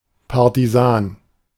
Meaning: partisan (member of a body of detached light troops)
- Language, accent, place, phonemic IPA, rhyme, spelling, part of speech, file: German, Germany, Berlin, /paʁtiˈzaːn/, -aːn, Partisan, noun, De-Partisan.ogg